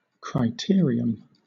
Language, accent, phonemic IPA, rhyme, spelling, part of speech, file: English, Southern England, /kɹaɪˈtɪəɹiəm/, -ɪəɹiəm, criterium, noun, LL-Q1860 (eng)-criterium.wav
- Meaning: A mass-start road-cycle race consisting of several laps around a closed circuit, the length of each lap or circuit ranging from about 1 km to 2 km (1/2 mile to just over 1 mile)